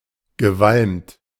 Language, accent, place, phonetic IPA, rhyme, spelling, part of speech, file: German, Germany, Berlin, [ɡəˈvalmt], -almt, gewalmt, adjective, De-gewalmt.ogg
- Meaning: hipped